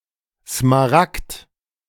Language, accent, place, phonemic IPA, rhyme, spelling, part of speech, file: German, Germany, Berlin, /smaˈʁakt/, -akt, Smaragd, noun, De-Smaragd.ogg
- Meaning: emerald